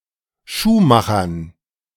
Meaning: dative plural of Schuhmacher
- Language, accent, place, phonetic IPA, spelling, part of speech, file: German, Germany, Berlin, [ˈʃuːˌmaxɐn], Schuhmachern, noun, De-Schuhmachern.ogg